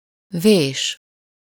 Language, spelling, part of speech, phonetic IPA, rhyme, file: Hungarian, vés, verb, [ˈveːʃ], -eːʃ, Hu-vés.ogg
- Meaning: 1. to chisel, carve 2. to remember (to impress on one's mind or heart) 3. to write